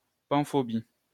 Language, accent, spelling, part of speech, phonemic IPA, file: French, France, panphobie, noun, /pɑ̃.fɔ.bi/, LL-Q150 (fra)-panphobie.wav
- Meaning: panphobia